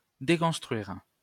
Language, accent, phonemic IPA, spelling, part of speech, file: French, France, /de.kɔ̃s.tʁɥiʁ/, déconstruire, verb, LL-Q150 (fra)-déconstruire.wav
- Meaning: to deconstruct, take apart